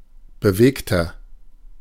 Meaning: inflection of bewegt: 1. strong/mixed nominative masculine singular 2. strong genitive/dative feminine singular 3. strong genitive plural
- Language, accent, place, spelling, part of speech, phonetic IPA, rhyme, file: German, Germany, Berlin, bewegter, adjective, [bəˈveːktɐ], -eːktɐ, De-bewegter.ogg